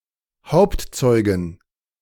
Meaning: female equivalent of Hauptzeuge (“star witness”)
- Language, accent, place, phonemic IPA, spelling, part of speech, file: German, Germany, Berlin, /ˈhaʊ̯ptˌtsɔʏ̯ɡɪn/, Hauptzeugin, noun, De-Hauptzeugin.ogg